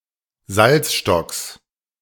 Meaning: genitive singular of Salzstock
- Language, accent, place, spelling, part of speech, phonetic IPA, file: German, Germany, Berlin, Salzstocks, noun, [ˈzalt͡sʃtɔks], De-Salzstocks.ogg